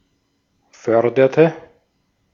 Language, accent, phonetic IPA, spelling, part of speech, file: German, Austria, [ˈfœʁdɐtə], förderte, verb, De-at-förderte.ogg
- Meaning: inflection of fördern: 1. first/third-person singular preterite 2. first/third-person singular subjunctive II